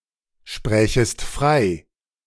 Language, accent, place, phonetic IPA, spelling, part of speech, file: German, Germany, Berlin, [ˌʃpʁɛːçəst ˈfʁaɪ̯], sprächest frei, verb, De-sprächest frei.ogg
- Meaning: second-person singular subjunctive II of freisprechen